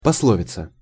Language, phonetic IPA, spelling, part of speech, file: Russian, [pɐsˈɫovʲɪt͡sə], пословица, noun, Ru-пословица.ogg
- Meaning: proverb, saying, adage (communicating a lesson or important truth)